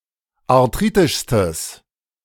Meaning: strong/mixed nominative/accusative neuter singular superlative degree of arthritisch
- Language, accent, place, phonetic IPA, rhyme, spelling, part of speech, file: German, Germany, Berlin, [aʁˈtʁiːtɪʃstəs], -iːtɪʃstəs, arthritischstes, adjective, De-arthritischstes.ogg